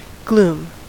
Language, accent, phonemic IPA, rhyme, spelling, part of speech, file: English, General American, /ɡlum/, -uːm, gloom, noun / verb, En-us-gloom.ogg
- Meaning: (noun) 1. Darkness, dimness, or obscurity 2. A depressing, despondent, or melancholic atmosphere 3. Cloudiness or heaviness of mind; melancholy; aspect of sorrow; low spirits; dullness